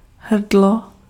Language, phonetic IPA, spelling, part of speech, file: Czech, [ˈɦr̩dlo], hrdlo, noun, Cs-hrdlo.ogg
- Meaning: 1. throat 2. neck, bottleneck